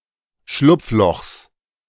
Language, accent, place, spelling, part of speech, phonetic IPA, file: German, Germany, Berlin, Schlupflochs, noun, [ˈʃlʊp͡fˌlɔxs], De-Schlupflochs.ogg
- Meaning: genitive of Schlupfloch